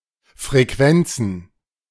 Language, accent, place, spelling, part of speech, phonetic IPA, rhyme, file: German, Germany, Berlin, Frequenzen, noun, [fʁeˈkvɛnt͡sn̩], -ɛnt͡sn̩, De-Frequenzen.ogg
- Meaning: plural of Frequenz